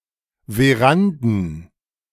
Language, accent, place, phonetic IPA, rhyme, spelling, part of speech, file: German, Germany, Berlin, [veˈʁandn̩], -andn̩, Veranden, noun, De-Veranden.ogg
- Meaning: plural of Veranda